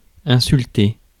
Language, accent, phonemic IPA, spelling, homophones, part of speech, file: French, France, /ɛ̃.syl.te/, insulter, insulté / insultée / insultées / insultés / insultez, verb, Fr-insulter.ogg
- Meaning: to insult